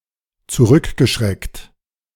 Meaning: past participle of zurückschrecken
- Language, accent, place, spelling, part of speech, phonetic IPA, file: German, Germany, Berlin, zurückgeschreckt, verb, [t͡suˈʁʏkɡəˌʃʁɛkt], De-zurückgeschreckt.ogg